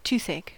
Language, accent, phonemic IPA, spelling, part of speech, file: English, US, /ˈtuθˌeɪk/, toothache, noun, En-us-toothache.ogg
- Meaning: A pain or ache in a tooth